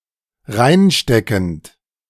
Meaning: present participle of reinstecken
- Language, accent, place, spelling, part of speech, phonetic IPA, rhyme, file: German, Germany, Berlin, reinsteckend, verb, [ˈʁaɪ̯nˌʃtɛkn̩t], -aɪ̯nʃtɛkn̩t, De-reinsteckend.ogg